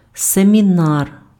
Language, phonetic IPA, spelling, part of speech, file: Ukrainian, [semʲiˈnar], семінар, noun, Uk-семінар.ogg
- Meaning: seminar